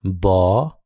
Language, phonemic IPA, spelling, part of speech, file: Odia, /ʋɔ/, ଵ, character, Or-ଵ.wav
- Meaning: The forty-fifth character in the Odia abugida. (It has a nuqta in the middle.)